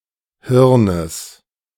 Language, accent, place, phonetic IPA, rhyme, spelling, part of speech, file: German, Germany, Berlin, [ˈhɪʁnəs], -ɪʁnəs, Hirnes, noun, De-Hirnes.ogg
- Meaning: genitive singular of Hirn